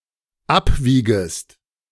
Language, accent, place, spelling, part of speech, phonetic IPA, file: German, Germany, Berlin, abwiegest, verb, [ˈapˌviːɡəst], De-abwiegest.ogg
- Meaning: second-person singular dependent subjunctive I of abwiegen